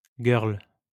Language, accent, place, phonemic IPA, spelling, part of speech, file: French, France, Lyon, /ɡœʁl/, girl, noun, LL-Q150 (fra)-girl.wav
- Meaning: dancing girl